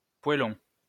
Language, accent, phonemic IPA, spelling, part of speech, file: French, France, /pwa.lɔ̃/, poêlon, noun, LL-Q150 (fra)-poêlon.wav
- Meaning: Type of casserole (cooking pot)